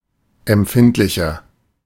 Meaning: 1. comparative degree of empfindlich 2. inflection of empfindlich: strong/mixed nominative masculine singular 3. inflection of empfindlich: strong genitive/dative feminine singular
- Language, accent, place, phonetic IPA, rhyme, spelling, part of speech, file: German, Germany, Berlin, [ɛmˈp͡fɪntlɪçɐ], -ɪntlɪçɐ, empfindlicher, adjective, De-empfindlicher.ogg